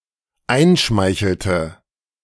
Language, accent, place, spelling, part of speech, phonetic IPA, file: German, Germany, Berlin, einschmeichelte, verb, [ˈaɪ̯nˌʃmaɪ̯çl̩tə], De-einschmeichelte.ogg
- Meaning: inflection of einschmeicheln: 1. first/third-person singular dependent preterite 2. first/third-person singular dependent subjunctive II